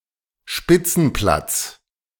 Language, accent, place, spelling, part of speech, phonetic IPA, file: German, Germany, Berlin, Spitzenplatz, noun, [ˈʃpɪt͡sn̩ˌplat͡s], De-Spitzenplatz.ogg
- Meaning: top position, top spot